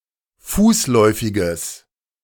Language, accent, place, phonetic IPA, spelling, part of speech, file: German, Germany, Berlin, [ˈfuːsˌlɔɪ̯fɪɡəs], fußläufiges, adjective, De-fußläufiges.ogg
- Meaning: strong/mixed nominative/accusative neuter singular of fußläufig